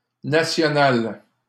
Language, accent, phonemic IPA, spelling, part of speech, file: French, Canada, /na.sjɔ.nal/, nationale, noun, LL-Q150 (fra)-nationale.wav
- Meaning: a french National Highway